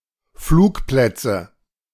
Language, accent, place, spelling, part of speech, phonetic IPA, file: German, Germany, Berlin, Flugplätze, noun, [ˈfluːkˌplɛt͡sə], De-Flugplätze.ogg
- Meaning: nominative/accusative/genitive plural of Flugplatz